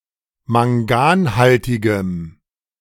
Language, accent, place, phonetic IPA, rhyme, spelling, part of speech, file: German, Germany, Berlin, [maŋˈɡaːnˌhaltɪɡəm], -aːnhaltɪɡəm, manganhaltigem, adjective, De-manganhaltigem.ogg
- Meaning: strong dative masculine/neuter singular of manganhaltig